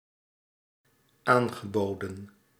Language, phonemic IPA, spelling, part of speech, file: Dutch, /ˈaŋɣəˌbodə(n)/, aangeboden, verb, Nl-aangeboden.ogg
- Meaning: past participle of aanbieden